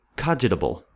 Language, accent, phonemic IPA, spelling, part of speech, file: English, US, /ˈkɑd͡ʒɪtəbəl/, cogitable, adjective, En-us-cogitable.ogg
- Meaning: Thinkable, conceivable, able to be imagined